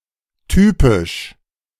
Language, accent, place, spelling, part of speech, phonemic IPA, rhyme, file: German, Germany, Berlin, typisch, adjective, /ˈtyːpɪʃ/, -ɪʃ, De-typisch.ogg
- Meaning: typical